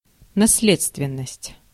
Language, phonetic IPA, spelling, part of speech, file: Russian, [nɐs⁽ʲ⁾ˈlʲet͡stvʲɪn(ː)əsʲtʲ], наследственность, noun, Ru-наследственность.ogg
- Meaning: heredity